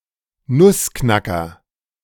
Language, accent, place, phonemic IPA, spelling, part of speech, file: German, Germany, Berlin, /ˈnʊsˌknakɐ/, Nussknacker, noun, De-Nussknacker.ogg
- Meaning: nutcracker